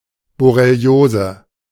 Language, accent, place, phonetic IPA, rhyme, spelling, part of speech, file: German, Germany, Berlin, [bɔʁeˈli̯oːzə], -oːzə, Borreliose, noun, De-Borreliose.ogg
- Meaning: borreliosis; Lyme disease